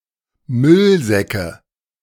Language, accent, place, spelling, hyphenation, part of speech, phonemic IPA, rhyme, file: German, Germany, Berlin, Müllsäcke, Müll‧sä‧cke, noun, /ˈmʏlˌzɛkə/, -ɛkə, De-Müllsäcke.ogg
- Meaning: nominative/accusative/genitive plural of Müllsack